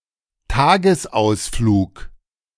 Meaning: a day trip
- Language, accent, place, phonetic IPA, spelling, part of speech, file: German, Germany, Berlin, [ˈtaːɡəsˌʔaʊ̯sfluːk], Tagesausflug, noun, De-Tagesausflug.ogg